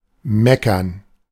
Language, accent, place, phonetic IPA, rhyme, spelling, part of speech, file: German, Germany, Berlin, [ˈmɛkɐn], -ɛkɐn, meckern, verb, De-meckern.ogg
- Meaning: 1. to bleat (of goats) 2. to grouse, to complain, to criticize a situation openly and pettily